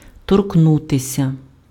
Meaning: to touch
- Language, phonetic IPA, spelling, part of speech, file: Ukrainian, [torkˈnutesʲɐ], торкнутися, verb, Uk-торкнутися.ogg